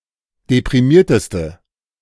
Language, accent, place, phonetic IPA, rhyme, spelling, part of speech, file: German, Germany, Berlin, [depʁiˈmiːɐ̯təstə], -iːɐ̯təstə, deprimierteste, adjective, De-deprimierteste.ogg
- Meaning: inflection of deprimiert: 1. strong/mixed nominative/accusative feminine singular superlative degree 2. strong nominative/accusative plural superlative degree